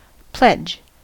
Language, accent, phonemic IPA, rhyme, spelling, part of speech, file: English, US, /plɛd͡ʒ/, -ɛdʒ, pledge, verb / noun, En-us-pledge.ogg
- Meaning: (verb) 1. To make a solemn promise (to do something) 2. To deposit something as a security; to pawn 3. To give assurance of friendship by the act of drinking; to drink to one's health